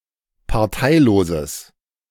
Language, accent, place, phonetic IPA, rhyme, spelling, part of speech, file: German, Germany, Berlin, [paʁˈtaɪ̯loːzəs], -aɪ̯loːzəs, parteiloses, adjective, De-parteiloses.ogg
- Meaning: strong/mixed nominative/accusative neuter singular of parteilos